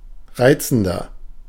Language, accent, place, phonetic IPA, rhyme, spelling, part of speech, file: German, Germany, Berlin, [ˈʁaɪ̯t͡sn̩dɐ], -aɪ̯t͡sn̩dɐ, reizender, adjective, De-reizender.ogg
- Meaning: 1. comparative degree of reizend 2. inflection of reizend: strong/mixed nominative masculine singular 3. inflection of reizend: strong genitive/dative feminine singular